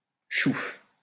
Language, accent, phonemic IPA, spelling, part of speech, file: French, France, /ʃuf/, chouffe, noun, LL-Q150 (fra)-chouffe.wav
- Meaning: white beer, wheat beer blond beer